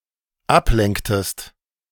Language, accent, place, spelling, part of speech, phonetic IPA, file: German, Germany, Berlin, ablenktest, verb, [ˈapˌlɛŋktəst], De-ablenktest.ogg
- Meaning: inflection of ablenken: 1. second-person singular dependent preterite 2. second-person singular dependent subjunctive II